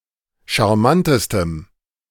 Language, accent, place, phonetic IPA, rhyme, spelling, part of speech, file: German, Germany, Berlin, [ʃaʁˈmantəstəm], -antəstəm, charmantestem, adjective, De-charmantestem.ogg
- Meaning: strong dative masculine/neuter singular superlative degree of charmant